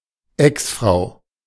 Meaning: ex-wife
- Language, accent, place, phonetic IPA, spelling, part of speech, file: German, Germany, Berlin, [ˈɛksˌfʀaʊ̯], Exfrau, noun, De-Exfrau.ogg